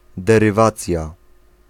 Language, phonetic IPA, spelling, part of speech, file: Polish, [ˌdɛrɨˈvat͡sʲja], derywacja, noun, Pl-derywacja.ogg